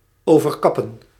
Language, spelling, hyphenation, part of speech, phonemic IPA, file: Dutch, overkappen, over‧kap‧pen, verb, /ˌoː.vərˈkɑ.pə(n)/, Nl-overkappen.ogg
- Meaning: to cover with a roof